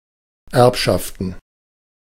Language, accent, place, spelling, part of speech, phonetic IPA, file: German, Germany, Berlin, Erbschaften, noun, [ˈɛʁpʃaftn̩], De-Erbschaften.ogg
- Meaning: plural of Erbschaft